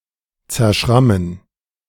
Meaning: to (lightly) damage or injure by scratching or scraping, to bruise
- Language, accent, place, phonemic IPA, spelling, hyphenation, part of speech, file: German, Germany, Berlin, /t͡sɛɐ̯ˈʃʁamən/, zerschrammen, zer‧schram‧men, verb, De-zerschrammen.ogg